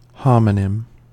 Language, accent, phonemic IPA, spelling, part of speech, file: English, US, /ˈhɑmənɪm/, homonym, noun, En-us-homonym.ogg
- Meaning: A word that sounds or is spelled the same as another word (but not necessarily both).: A word that both sounds and is spelled the same as another word